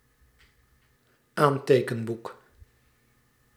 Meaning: notebook (book for writing down notes)
- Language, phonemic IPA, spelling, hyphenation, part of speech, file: Dutch, /ˈaːn.teː.kə(n)ˌbuk/, aantekenboek, aan‧te‧ken‧boek, noun, Nl-aantekenboek.ogg